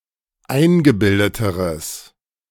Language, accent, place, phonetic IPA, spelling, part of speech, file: German, Germany, Berlin, [ˈaɪ̯nɡəˌbɪldətəʁəs], eingebildeteres, adjective, De-eingebildeteres.ogg
- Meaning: strong/mixed nominative/accusative neuter singular comparative degree of eingebildet